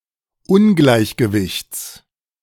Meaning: genitive singular of Ungleichgewicht
- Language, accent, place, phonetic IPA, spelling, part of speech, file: German, Germany, Berlin, [ˈʊnɡlaɪ̯çɡəvɪçt͡s], Ungleichgewichts, noun, De-Ungleichgewichts.ogg